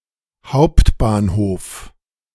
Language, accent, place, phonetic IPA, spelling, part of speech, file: German, Germany, Berlin, [ˈhau̯ptbaːnˌhoːf], Hbf., abbreviation, De-Hbf..ogg
- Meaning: abbreviation of Hauptbahnhof (“main train station”)